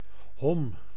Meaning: milt (fish semen)
- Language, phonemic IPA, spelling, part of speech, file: Dutch, /hɔm/, hom, noun, Nl-hom.ogg